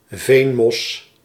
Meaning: peat moss, moss of the genus Sphagnum
- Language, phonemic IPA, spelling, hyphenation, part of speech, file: Dutch, /ˈveːn.mɔs/, veenmos, veen‧mos, noun, Nl-veenmos.ogg